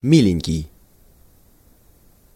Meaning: diminutive of ми́лый (mílyj, “dear, sweet”)
- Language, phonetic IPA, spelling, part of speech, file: Russian, [ˈmʲilʲɪnʲkʲɪj], миленький, adjective, Ru-миленький.ogg